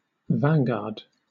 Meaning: 1. The leading units at the front of an army or fleet 2. The person or people at the forefront of a group or movement
- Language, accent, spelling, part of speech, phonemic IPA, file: English, Southern England, vanguard, noun, /ˈvanˌɡɑːd/, LL-Q1860 (eng)-vanguard.wav